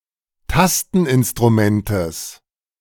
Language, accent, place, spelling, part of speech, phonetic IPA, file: German, Germany, Berlin, Tasteninstrumentes, noun, [ˈtastn̩ʔɪnstʁuˌmɛntəs], De-Tasteninstrumentes.ogg
- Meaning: genitive singular of Tasteninstrument